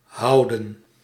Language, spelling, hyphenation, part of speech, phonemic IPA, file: Dutch, houden, hou‧den, verb, /ˈɦɑu̯də(n)/, Nl-houden.ogg
- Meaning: 1. to keep, preserve 2. to keep, to care for 3. to hold, to be engaged in 4. to hold, to have, to organise (an event) 5. to love; to like 6. to take for, to consider, to see as